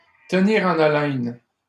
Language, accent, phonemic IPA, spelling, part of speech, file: French, Canada, /tə.ni.ʁ‿ɑ̃.n‿a.lɛn/, tenir en haleine, verb, LL-Q150 (fra)-tenir en haleine.wav
- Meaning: to keep someone on their toes; to keep someone in bated breath, to keep someone in a state of uncertainty, be it hopeful or fearful